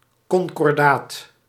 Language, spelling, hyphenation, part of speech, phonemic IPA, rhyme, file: Dutch, concordaat, con‧cor‧daat, noun, /ˌkɔŋ.kɔrˈdaːt/, -aːt, Nl-concordaat.ogg
- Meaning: concordat